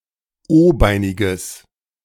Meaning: strong/mixed nominative/accusative neuter singular of o-beinig
- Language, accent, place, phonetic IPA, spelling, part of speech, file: German, Germany, Berlin, [ˈoːˌbaɪ̯nɪɡəs], o-beiniges, adjective, De-o-beiniges.ogg